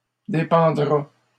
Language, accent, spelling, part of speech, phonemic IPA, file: French, Canada, dépendra, verb, /de.pɑ̃.dʁa/, LL-Q150 (fra)-dépendra.wav
- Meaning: third-person singular future of dépendre